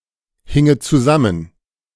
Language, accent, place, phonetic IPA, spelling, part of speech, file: German, Germany, Berlin, [ˌhɪŋət t͡suˈzamən], hinget zusammen, verb, De-hinget zusammen.ogg
- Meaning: second-person plural subjunctive II of zusammenhängen